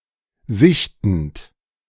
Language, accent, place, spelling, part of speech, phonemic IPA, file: German, Germany, Berlin, sichtend, verb, /ˈzɪçtənt/, De-sichtend.ogg
- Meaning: present participle of sichten